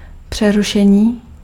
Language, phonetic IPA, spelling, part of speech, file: Czech, [ˈpr̝̊ɛruʃɛɲiː], přerušení, noun, Cs-přerušení.ogg
- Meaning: 1. verbal noun of přerušit 2. interruption 3. interrupt